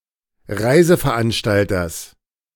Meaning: genitive of Reiseveranstalter
- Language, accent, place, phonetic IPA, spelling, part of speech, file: German, Germany, Berlin, [ˈʁaɪ̯zəfɛɐ̯ˌʔanʃtaltɐs], Reiseveranstalters, noun, De-Reiseveranstalters.ogg